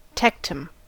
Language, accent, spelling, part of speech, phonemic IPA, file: English, US, tectum, noun, /ˈtɛk.təm/, En-us-tectum.ogg
- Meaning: 1. The dorsal portion of the midbrain of vertebrates; in mammals, containing the superior colliculus and inferior colliculus 2. The interconnected outer surface of a spore